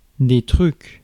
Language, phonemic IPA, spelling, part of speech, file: French, /tʁyk/, trucs, noun, Fr-trucs.ogg
- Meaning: plural of truc